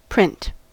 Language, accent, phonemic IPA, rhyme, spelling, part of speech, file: English, US, /pɹɪnt/, -ɪnt, print, adjective / verb / noun, En-us-print.ogg
- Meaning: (adjective) Of, relating to, or writing for printed publications; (verb) To produce one or more copies of a text or image on a surface, especially by machine